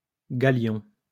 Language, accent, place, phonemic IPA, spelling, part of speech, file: French, France, Lyon, /ɡa.ljɔ̃/, galion, noun, LL-Q150 (fra)-galion.wav
- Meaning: galleon (large sailing ship)